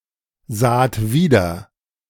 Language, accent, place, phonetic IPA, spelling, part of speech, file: German, Germany, Berlin, [ˌzaːt ˈviːdɐ], saht wieder, verb, De-saht wieder.ogg
- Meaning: second-person plural preterite of wiedersehen